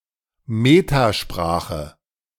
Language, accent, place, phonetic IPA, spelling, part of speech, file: German, Germany, Berlin, [ˈmeːtaˌʃpʁaːxə], Metasprache, noun, De-Metasprache.ogg
- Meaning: metalanguage